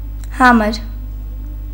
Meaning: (adjective) 1. dumb, speechless, mute 2. silent, without sound; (noun) dumb, speechless, mute person
- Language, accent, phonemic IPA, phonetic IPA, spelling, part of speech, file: Armenian, Eastern Armenian, /ˈhɑməɾ/, [hɑ́məɾ], համր, adjective / noun, Hy-համր.ogg